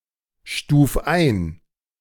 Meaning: 1. singular imperative of einstufen 2. first-person singular present of einstufen
- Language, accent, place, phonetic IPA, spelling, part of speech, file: German, Germany, Berlin, [ˌʃtuːf ˈaɪ̯n], stuf ein, verb, De-stuf ein.ogg